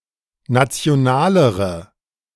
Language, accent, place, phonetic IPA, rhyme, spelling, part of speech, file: German, Germany, Berlin, [ˌnat͡si̯oˈnaːləʁə], -aːləʁə, nationalere, adjective, De-nationalere.ogg
- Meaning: inflection of national: 1. strong/mixed nominative/accusative feminine singular comparative degree 2. strong nominative/accusative plural comparative degree